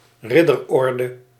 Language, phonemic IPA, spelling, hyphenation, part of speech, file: Dutch, /ˈrɪ.dərˌɔr.də/, ridderorde, rid‧der‧or‧de, noun, Nl-ridderorde.ogg
- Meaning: 1. chivalric order, order of knighthood 2. knighthood (decoration)